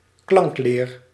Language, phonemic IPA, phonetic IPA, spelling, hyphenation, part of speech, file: Dutch, /ˈklɑŋk.leːr/, [ˈklɑŋk.lɪːr], klankleer, klank‧leer, noun, Nl-klankleer.ogg
- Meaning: 1. phonology 2. phonetics